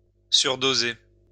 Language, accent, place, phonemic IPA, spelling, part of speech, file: French, France, Lyon, /syʁ.do.ze/, surdoser, verb, LL-Q150 (fra)-surdoser.wav
- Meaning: to overdose